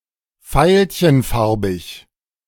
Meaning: violet (in colour)
- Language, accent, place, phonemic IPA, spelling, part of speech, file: German, Germany, Berlin, /ˈfaɪ̯lçənˌfaʁbɪç/, veilchenfarbig, adjective, De-veilchenfarbig.ogg